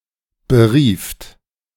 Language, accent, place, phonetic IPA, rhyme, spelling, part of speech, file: German, Germany, Berlin, [bəˈʁiːft], -iːft, berieft, verb, De-berieft.ogg
- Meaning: second-person plural preterite of berufen